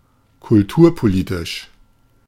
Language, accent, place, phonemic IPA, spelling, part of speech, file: German, Germany, Berlin, /kʊlˈtuːɐ̯poˌliːtɪʃ/, kulturpolitisch, adjective, De-kulturpolitisch.ogg
- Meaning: cultural politics